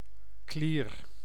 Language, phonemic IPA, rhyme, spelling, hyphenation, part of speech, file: Dutch, /kliːr/, -ir, klier, klier, noun / verb, Nl-klier.ogg
- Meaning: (noun) 1. gland 2. gland (secretory structure) 3. someone suffering from a skin disease or glandular swelling 4. an obnoxious person